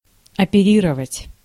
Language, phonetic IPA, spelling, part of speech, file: Russian, [ɐpʲɪˈrʲirəvətʲ], оперировать, verb, Ru-оперировать.ogg
- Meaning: 1. to operate on (someone) 2. to operate, to conduct military operations 3. to carry out a commercial or financial transaction 4. to operate, to use